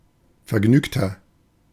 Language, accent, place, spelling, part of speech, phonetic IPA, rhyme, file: German, Germany, Berlin, vergnügter, adjective, [fɛɐ̯ˈɡnyːktɐ], -yːktɐ, De-vergnügter.ogg
- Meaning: 1. comparative degree of vergnügt 2. inflection of vergnügt: strong/mixed nominative masculine singular 3. inflection of vergnügt: strong genitive/dative feminine singular